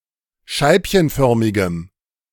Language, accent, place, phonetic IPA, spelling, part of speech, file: German, Germany, Berlin, [ˈʃaɪ̯pçənˌfœʁmɪɡəm], scheibchenförmigem, adjective, De-scheibchenförmigem.ogg
- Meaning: strong dative masculine/neuter singular of scheibchenförmig